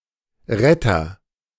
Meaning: 1. rescuer 2. saviour, savior
- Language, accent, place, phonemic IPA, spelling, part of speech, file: German, Germany, Berlin, /ˈʁɛtɐ/, Retter, noun, De-Retter.ogg